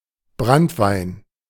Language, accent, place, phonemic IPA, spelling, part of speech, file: German, Germany, Berlin, /ˈbʁantˌvaɪ̯n/, Branntwein, noun, De-Branntwein.ogg
- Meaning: 1. brandy (distilled wine) 2. liquor (any distilled alcohol)